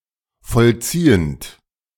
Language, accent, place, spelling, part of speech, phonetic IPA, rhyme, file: German, Germany, Berlin, vollziehend, verb, [fɔlˈt͡siːənt], -iːənt, De-vollziehend.ogg
- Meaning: present participle of vollziehen